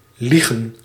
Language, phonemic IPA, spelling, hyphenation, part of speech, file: Dutch, /ˈli.ɣə(n)/, liegen, lie‧gen, verb, Nl-liegen.ogg
- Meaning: to lie (to tell lies)